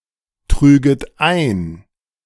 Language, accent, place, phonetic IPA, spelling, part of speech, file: German, Germany, Berlin, [ˌtʁyːɡət ˈaɪ̯n], trüget ein, verb, De-trüget ein.ogg
- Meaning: second-person plural subjunctive II of eintragen